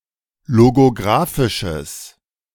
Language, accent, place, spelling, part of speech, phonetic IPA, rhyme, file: German, Germany, Berlin, logografisches, adjective, [loɡoˈɡʁaːfɪʃəs], -aːfɪʃəs, De-logografisches.ogg
- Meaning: strong/mixed nominative/accusative neuter singular of logografisch